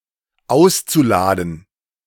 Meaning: zu-infinitive of ausladen
- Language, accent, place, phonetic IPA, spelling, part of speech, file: German, Germany, Berlin, [ˈaʊ̯st͡suˌlaːdn̩], auszuladen, verb, De-auszuladen.ogg